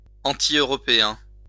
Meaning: anti-European
- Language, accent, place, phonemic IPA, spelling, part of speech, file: French, France, Lyon, /ɑ̃.ti.ø.ʁɔ.pe.ɛ̃/, antieuropéen, adjective, LL-Q150 (fra)-antieuropéen.wav